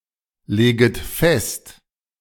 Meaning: second-person plural subjunctive I of festlegen
- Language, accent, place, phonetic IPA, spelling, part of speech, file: German, Germany, Berlin, [ˌleːɡət ˈfɛst], leget fest, verb, De-leget fest.ogg